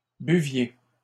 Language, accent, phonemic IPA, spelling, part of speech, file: French, Canada, /by.vje/, buviez, verb, LL-Q150 (fra)-buviez.wav
- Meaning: inflection of boire: 1. second-person plural imperfect indicative 2. second-person plural present subjunctive